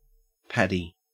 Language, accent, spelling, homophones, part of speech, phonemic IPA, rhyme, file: English, Australia, paddy, Paddy, noun / adjective, /ˈpædi/, -ædi, En-au-paddy.ogg
- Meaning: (noun) 1. Rough or unhusked rice, either before it is milled or as a crop to be harvested 2. A paddy field, a rice paddy; an irrigated or flooded field where rice is grown